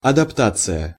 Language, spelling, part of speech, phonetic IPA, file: Russian, адаптация, noun, [ɐdɐpˈtat͡sɨjə], Ru-адаптация.ogg
- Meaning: adaptation